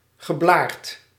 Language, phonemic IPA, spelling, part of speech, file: Dutch, /ɣəˈblart/, geblaard, adjective / verb, Nl-geblaard.ogg
- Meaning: past participle of blaren